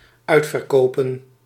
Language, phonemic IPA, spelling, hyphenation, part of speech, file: Dutch, /ˈœy̯t.fər.ˌkoː.pə(n)/, uitverkopen, uit‧ver‧ko‧pen, noun / verb, Nl-uitverkopen.ogg
- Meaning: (noun) plural of uitverkoop; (verb) to sell out